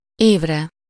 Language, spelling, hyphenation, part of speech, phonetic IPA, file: Hungarian, évre, év‧re, noun, [ˈeːvrɛ], Hu-évre.ogg
- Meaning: sublative singular of év